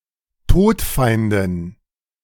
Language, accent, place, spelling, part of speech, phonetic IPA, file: German, Germany, Berlin, Todfeindin, noun, [ˈtoːtˌfaɪ̯ndɪn], De-Todfeindin.ogg
- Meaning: female equivalent of Todfeind (“mortal enemy”)